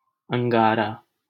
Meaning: hot coal, cinder, ember, spark
- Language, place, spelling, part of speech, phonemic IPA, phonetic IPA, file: Hindi, Delhi, अंगारा, noun, /əŋ.ɡɑː.ɾɑː/, [ɐ̃ŋ.ɡäː.ɾäː], LL-Q1568 (hin)-अंगारा.wav